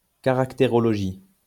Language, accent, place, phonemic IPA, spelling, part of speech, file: French, France, Lyon, /ka.ʁak.te.ʁɔ.lɔ.ʒi/, caractérologie, noun, LL-Q150 (fra)-caractérologie.wav
- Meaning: characterology